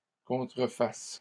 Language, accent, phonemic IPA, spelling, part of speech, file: French, Canada, /kɔ̃.tʁə.fas/, contrefasse, verb, LL-Q150 (fra)-contrefasse.wav
- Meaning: first/third-person singular present subjunctive of contrefaire